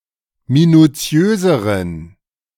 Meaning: inflection of minutiös: 1. strong genitive masculine/neuter singular comparative degree 2. weak/mixed genitive/dative all-gender singular comparative degree
- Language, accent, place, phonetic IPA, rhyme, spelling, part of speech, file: German, Germany, Berlin, [minuˈt͡si̯øːzəʁən], -øːzəʁən, minutiöseren, adjective, De-minutiöseren.ogg